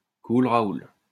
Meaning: cool it! chill! chill out! relax!
- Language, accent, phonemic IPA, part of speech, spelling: French, France, /kul | ʁa.ul/, interjection, cool, Raoul